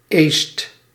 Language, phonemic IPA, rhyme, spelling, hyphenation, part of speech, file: Dutch, /eːst/, -eːst, eest, eest, noun, Nl-eest.ogg
- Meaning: a drying oven, a drying kiln